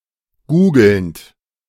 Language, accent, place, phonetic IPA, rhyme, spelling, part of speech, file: German, Germany, Berlin, [ˈɡuːɡl̩nt], -uːɡl̩nt, googelnd, verb, De-googelnd.ogg
- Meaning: present participle of googeln